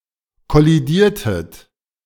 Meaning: inflection of kollidieren: 1. second-person plural preterite 2. second-person plural subjunctive II
- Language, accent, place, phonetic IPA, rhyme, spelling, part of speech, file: German, Germany, Berlin, [kɔliˈdiːɐ̯tət], -iːɐ̯tət, kollidiertet, verb, De-kollidiertet.ogg